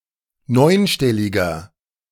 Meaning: inflection of neunstellig: 1. strong/mixed nominative masculine singular 2. strong genitive/dative feminine singular 3. strong genitive plural
- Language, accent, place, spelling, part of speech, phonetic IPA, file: German, Germany, Berlin, neunstelliger, adjective, [ˈnɔɪ̯nˌʃtɛlɪɡɐ], De-neunstelliger.ogg